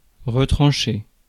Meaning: 1. to deduct, take away, cut out (delete) 2. to cut down 3. to cut off (exclude, from e.g. society) 4. to kill, to snuff out, to bump off 5. to take shelter 6. to entrench oneself
- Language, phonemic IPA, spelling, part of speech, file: French, /ʁə.tʁɑ̃.ʃe/, retrancher, verb, Fr-retrancher.ogg